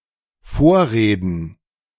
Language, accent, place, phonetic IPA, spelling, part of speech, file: German, Germany, Berlin, [ˈfoːɐ̯ˌʁeːdn̩], Vorreden, noun, De-Vorreden.ogg
- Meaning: plural of Vorrede